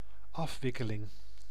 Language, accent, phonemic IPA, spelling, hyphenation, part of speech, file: Dutch, Netherlands, /ˈɑfˌʋɪ.kə.lɪŋ/, afwikkeling, af‧wik‧ke‧ling, noun, Nl-afwikkeling.ogg
- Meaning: 1. unwinding 2. ending, conclusion